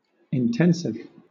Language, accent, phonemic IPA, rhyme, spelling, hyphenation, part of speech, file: English, Southern England, /ɪnˈtɛnsɪv/, -ɛnsɪv, intensive, in‧tens‧ive, adjective / noun, LL-Q1860 (eng)-intensive.wav
- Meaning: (adjective) 1. Done with intensity or to a great degree; thorough 2. Being made more intense